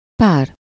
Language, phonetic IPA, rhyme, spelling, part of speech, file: Hungarian, [ˈpaːr], -aːr, pár, noun / pronoun / determiner, Hu-pár.ogg
- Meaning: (noun) 1. pair, couple (two people or objects that form a unit in any sense) 2. mate, (breeding) partner 3. partner, spouse, significant other